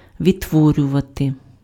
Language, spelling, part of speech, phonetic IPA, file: Ukrainian, відтворювати, verb, [ʋʲidtˈwɔrʲʊʋɐte], Uk-відтворювати.ogg
- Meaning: 1. to recreate, to reproduce (create anew) 2. to recreate, to reproduce, to reconstruct (accurately represent a past event or scene)